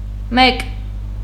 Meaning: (numeral) one; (pronoun) someone, somebody
- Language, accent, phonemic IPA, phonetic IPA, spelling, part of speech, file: Armenian, Eastern Armenian, /mek/, [mek], մեկ, numeral / pronoun, Hy-մեկ.ogg